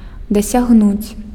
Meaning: to achieve, to attain, to reach
- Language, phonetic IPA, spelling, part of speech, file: Belarusian, [dasʲaɣˈnut͡sʲ], дасягнуць, verb, Be-дасягнуць.ogg